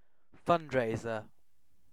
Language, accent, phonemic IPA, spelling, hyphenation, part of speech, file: English, UK, /ˈfʌnd.ɹeɪ.zə/, fundraiser, fund‧rais‧er, noun, En-uk-fundraiser.ogg
- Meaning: 1. An event undertaken to get money by voluntary contributions for a particular activity or cause 2. A person who collects money from the public for some cause